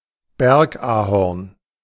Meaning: sycamore
- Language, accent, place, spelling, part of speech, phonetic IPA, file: German, Germany, Berlin, Bergahorn, noun, [ˈbɛʁkʔaːhɔʁn], De-Bergahorn.ogg